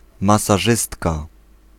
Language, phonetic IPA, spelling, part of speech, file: Polish, [ˌmasaˈʒɨstka], masażystka, noun, Pl-masażystka.ogg